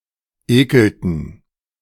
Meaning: inflection of ekeln: 1. first/third-person plural preterite 2. first/third-person plural subjunctive II
- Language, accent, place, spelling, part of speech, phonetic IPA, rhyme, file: German, Germany, Berlin, ekelten, verb, [ˈeːkl̩tn̩], -eːkl̩tn̩, De-ekelten.ogg